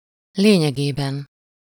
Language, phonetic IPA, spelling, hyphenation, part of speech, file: Hungarian, [ˈleːɲɛɡeːbɛn], lényegében, lé‧nye‧gé‧ben, adverb / noun, Hu-lényegében.ogg
- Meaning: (adverb) virtually, practically, in essence; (noun) inessive of lényege